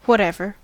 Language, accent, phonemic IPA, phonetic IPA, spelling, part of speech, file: English, General American, /wʌtˈɛv.ɚ/, [wʌɾˈɛv.ɚ], whatever, noun / determiner / pronoun / adverb / interjection / adjective, En-us-whatever.ogg
- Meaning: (noun) A thing or person whose actual name is unknown or forgotten; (determiner) 1. What ever; emphatic form of 'what' 2. Regardless of the ... that; for any ... that